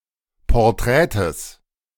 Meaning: genitive singular of Porträt
- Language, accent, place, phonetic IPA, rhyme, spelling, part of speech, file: German, Germany, Berlin, [pɔʁˈtʁɛːtəs], -ɛːtəs, Porträtes, noun, De-Porträtes.ogg